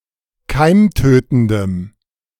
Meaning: strong dative masculine/neuter singular of keimtötend
- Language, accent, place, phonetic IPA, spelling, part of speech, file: German, Germany, Berlin, [ˈkaɪ̯mˌtøːtn̩dəm], keimtötendem, adjective, De-keimtötendem.ogg